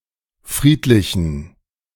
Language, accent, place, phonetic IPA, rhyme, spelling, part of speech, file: German, Germany, Berlin, [ˈfʁiːtlɪçn̩], -iːtlɪçn̩, friedlichen, adjective, De-friedlichen.ogg
- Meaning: inflection of friedlich: 1. strong genitive masculine/neuter singular 2. weak/mixed genitive/dative all-gender singular 3. strong/weak/mixed accusative masculine singular 4. strong dative plural